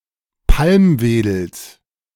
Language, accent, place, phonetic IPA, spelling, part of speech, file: German, Germany, Berlin, [ˈpalmˌveːdl̩s], Palmwedels, noun, De-Palmwedels.ogg
- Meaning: genitive singular of Palmwedel